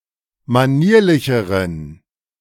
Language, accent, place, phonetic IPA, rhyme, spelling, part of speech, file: German, Germany, Berlin, [maˈniːɐ̯lɪçəʁən], -iːɐ̯lɪçəʁən, manierlicheren, adjective, De-manierlicheren.ogg
- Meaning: inflection of manierlich: 1. strong genitive masculine/neuter singular comparative degree 2. weak/mixed genitive/dative all-gender singular comparative degree